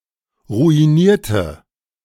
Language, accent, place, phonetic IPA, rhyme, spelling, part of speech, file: German, Germany, Berlin, [ʁuiˈniːɐ̯tə], -iːɐ̯tə, ruinierte, verb / adjective, De-ruinierte.ogg
- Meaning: inflection of ruinieren: 1. first/third-person singular preterite 2. first/third-person singular subjunctive II